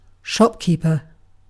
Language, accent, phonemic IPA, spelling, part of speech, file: English, UK, /ˈʃɒpkiːpə/, shopkeeper, noun, En-uk-shopkeeper.ogg
- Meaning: A trader who sells goods in a shop, or by retail, in distinction from one who sells by wholesale, or sells door to door